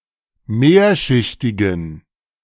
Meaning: inflection of mehrschichtig: 1. strong genitive masculine/neuter singular 2. weak/mixed genitive/dative all-gender singular 3. strong/weak/mixed accusative masculine singular 4. strong dative plural
- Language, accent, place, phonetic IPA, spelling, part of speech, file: German, Germany, Berlin, [ˈmeːɐ̯ʃɪçtɪɡn̩], mehrschichtigen, adjective, De-mehrschichtigen.ogg